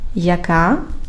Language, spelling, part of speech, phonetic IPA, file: Ukrainian, яка, pronoun, [jɐˈka], Uk-яка.ogg
- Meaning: nominative/vocative feminine singular of яки́й (jakýj)